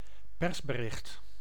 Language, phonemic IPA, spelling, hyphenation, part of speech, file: Dutch, /ˈpɛrs.bəˌrɪxt/, persbericht, pers‧be‧richt, noun, Nl-persbericht.ogg
- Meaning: a press release, a press report, a written statement to the press